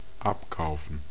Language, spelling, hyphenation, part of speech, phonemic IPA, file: German, abkaufen, ab‧kau‧fen, verb, /ˈapkaʊ̯f(ə)n/, De-abkaufen.ogg
- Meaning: 1. to buy (from), buy out 2. to buy into, buy (to believe something)